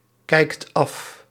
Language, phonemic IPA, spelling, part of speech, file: Dutch, /ˈkɛikt ˈɑf/, kijkt af, verb, Nl-kijkt af.ogg
- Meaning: inflection of afkijken: 1. second/third-person singular present indicative 2. plural imperative